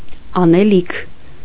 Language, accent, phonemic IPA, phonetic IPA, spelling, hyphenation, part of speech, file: Armenian, Eastern Armenian, /ɑneˈlikʰ/, [ɑnelíkʰ], անելիք, ա‧նե‧լիք, noun / verb, Hy-անելիք.ogg
- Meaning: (noun) task, job, chore; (verb) future converb II of անել (anel)